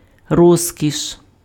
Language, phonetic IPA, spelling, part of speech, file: Ukrainian, [ˈrɔzʲkʲiʃ], розкіш, noun, Uk-розкіш.ogg
- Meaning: 1. luxury 2. affluence 3. luxury, luxury item 4. delicacy 5. bliss 6. pinnacle 7. beauty, splendor